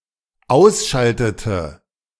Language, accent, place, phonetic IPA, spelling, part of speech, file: German, Germany, Berlin, [ˈaʊ̯sˌʃaltətə], ausschaltete, verb, De-ausschaltete.ogg
- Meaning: inflection of ausschalten: 1. first/third-person singular dependent preterite 2. first/third-person singular dependent subjunctive II